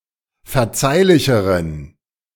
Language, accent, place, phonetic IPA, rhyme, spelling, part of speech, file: German, Germany, Berlin, [fɛɐ̯ˈt͡saɪ̯lɪçəʁən], -aɪ̯lɪçəʁən, verzeihlicheren, adjective, De-verzeihlicheren.ogg
- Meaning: inflection of verzeihlich: 1. strong genitive masculine/neuter singular comparative degree 2. weak/mixed genitive/dative all-gender singular comparative degree